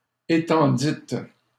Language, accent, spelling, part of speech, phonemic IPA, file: French, Canada, étendîtes, verb, /e.tɑ̃.dit/, LL-Q150 (fra)-étendîtes.wav
- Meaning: second-person plural past historic of étendre